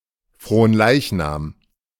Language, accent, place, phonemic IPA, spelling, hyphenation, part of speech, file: German, Germany, Berlin, /froːnˈlaiçnaːm/, Fronleichnam, Fron‧leich‧nam, noun, De-Fronleichnam.ogg
- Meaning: Corpus Christi